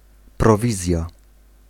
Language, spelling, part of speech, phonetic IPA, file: Polish, prowizja, noun, [prɔˈvʲizʲja], Pl-prowizja.ogg